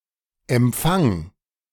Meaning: singular imperative of empfangen
- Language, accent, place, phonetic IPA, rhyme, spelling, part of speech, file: German, Germany, Berlin, [ɛmˈp͡faŋ], -aŋ, empfang, verb, De-empfang.ogg